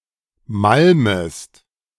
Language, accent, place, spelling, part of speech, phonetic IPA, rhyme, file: German, Germany, Berlin, malmest, verb, [ˈmalməst], -alməst, De-malmest.ogg
- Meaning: second-person singular subjunctive I of malmen